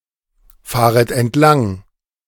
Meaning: second-person plural subjunctive I of entlangfahren
- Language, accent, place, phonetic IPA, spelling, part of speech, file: German, Germany, Berlin, [ˌfaːʁət ɛntˈlaŋ], fahret entlang, verb, De-fahret entlang.ogg